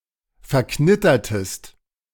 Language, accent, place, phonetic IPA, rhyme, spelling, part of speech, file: German, Germany, Berlin, [fɛɐ̯ˈknɪtɐtəst], -ɪtɐtəst, verknittertest, verb, De-verknittertest.ogg
- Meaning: inflection of verknittern: 1. second-person singular preterite 2. second-person singular subjunctive II